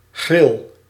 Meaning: 1. caprice, whim, impulse 2. alternative form of grill
- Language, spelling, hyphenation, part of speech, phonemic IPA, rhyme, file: Dutch, gril, gril, noun, /ɣrɪl/, -ɪl, Nl-gril.ogg